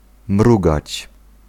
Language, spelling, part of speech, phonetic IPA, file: Polish, mrugać, verb, [ˈmruɡat͡ɕ], Pl-mrugać.ogg